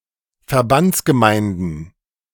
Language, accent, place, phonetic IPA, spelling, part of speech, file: German, Germany, Berlin, [fɛɐ̯ˈbant͡sɡəˌmaɪ̯ndn̩], Verbandsgemeinden, noun, De-Verbandsgemeinden.ogg
- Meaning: plural of Verbandsgemeinde